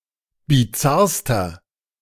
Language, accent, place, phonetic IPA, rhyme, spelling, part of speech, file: German, Germany, Berlin, [biˈt͡saʁstɐ], -aʁstɐ, bizarrster, adjective, De-bizarrster.ogg
- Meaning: inflection of bizarr: 1. strong/mixed nominative masculine singular superlative degree 2. strong genitive/dative feminine singular superlative degree 3. strong genitive plural superlative degree